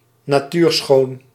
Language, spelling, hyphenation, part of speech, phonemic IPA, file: Dutch, natuurschoon, na‧tuur‧schoon, noun, /naːˈtyːrˌxoːn/, Nl-natuurschoon.ogg
- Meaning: natural beauty